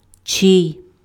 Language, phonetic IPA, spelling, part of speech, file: Ukrainian, [t͡ʃɪi̯], чий, pronoun, Uk-чий.ogg
- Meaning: whose